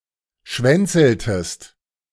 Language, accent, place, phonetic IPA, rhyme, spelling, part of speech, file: German, Germany, Berlin, [ˈʃvɛnt͡sl̩təst], -ɛnt͡sl̩təst, schwänzeltest, verb, De-schwänzeltest.ogg
- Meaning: inflection of schwänzeln: 1. second-person singular preterite 2. second-person singular subjunctive II